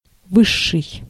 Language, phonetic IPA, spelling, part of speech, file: Russian, [ˈvɨʂːɨj], высший, adjective, Ru-высший.ogg
- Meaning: superlative degree of высо́кий (vysókij)